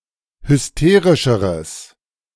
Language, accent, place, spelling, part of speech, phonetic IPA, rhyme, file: German, Germany, Berlin, hysterischeres, adjective, [hʏsˈteːʁɪʃəʁəs], -eːʁɪʃəʁəs, De-hysterischeres.ogg
- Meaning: strong/mixed nominative/accusative neuter singular comparative degree of hysterisch